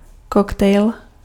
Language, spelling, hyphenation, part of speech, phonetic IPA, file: Czech, koktejl, kok‧tejl, noun, [ˈkoktɛjl], Cs-koktejl.ogg
- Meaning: 1. cocktail 2. milkshake